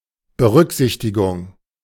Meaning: consideration, provision, allowance
- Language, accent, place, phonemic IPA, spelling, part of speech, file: German, Germany, Berlin, /bəˈʁʏkzɪçtɪɡʊŋ/, Berücksichtigung, noun, De-Berücksichtigung.ogg